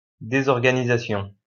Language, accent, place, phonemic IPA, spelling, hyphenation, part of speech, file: French, France, Lyon, /de.zɔʁ.ɡa.ni.za.sjɔ̃/, désorganisation, dé‧sor‧ga‧ni‧sa‧tion, noun, LL-Q150 (fra)-désorganisation.wav
- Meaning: disorganization